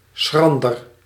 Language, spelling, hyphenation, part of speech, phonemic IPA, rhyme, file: Dutch, schrander, schran‧der, adjective, /ˈsxrɑn.dər/, -ɑndər, Nl-schrander.ogg
- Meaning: shrewd, astute, clever